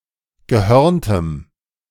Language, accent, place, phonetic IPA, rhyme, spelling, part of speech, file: German, Germany, Berlin, [ɡəˈhœʁntəm], -œʁntəm, gehörntem, adjective, De-gehörntem.ogg
- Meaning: strong dative masculine/neuter singular of gehörnt